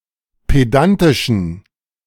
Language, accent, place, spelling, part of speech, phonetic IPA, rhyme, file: German, Germany, Berlin, pedantischen, adjective, [ˌpeˈdantɪʃn̩], -antɪʃn̩, De-pedantischen.ogg
- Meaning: inflection of pedantisch: 1. strong genitive masculine/neuter singular 2. weak/mixed genitive/dative all-gender singular 3. strong/weak/mixed accusative masculine singular 4. strong dative plural